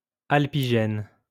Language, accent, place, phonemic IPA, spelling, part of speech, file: French, France, Lyon, /al.pi.ʒɛn/, alpigène, adjective, LL-Q150 (fra)-alpigène.wav
- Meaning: Alpine